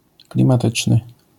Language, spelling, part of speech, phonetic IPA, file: Polish, klimatyczny, adjective, [ˌklʲĩmaˈtɨt͡ʃnɨ], LL-Q809 (pol)-klimatyczny.wav